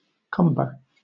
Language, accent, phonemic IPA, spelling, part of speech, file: English, Southern England, /ˈkʌmbə/, cumber, verb / noun, LL-Q1860 (eng)-cumber.wav
- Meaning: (verb) To slow down; to hinder; to burden; to encumber; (noun) 1. Trouble, distress 2. Something that encumbers; a hindrance, a burden 3. Clipping of cucumber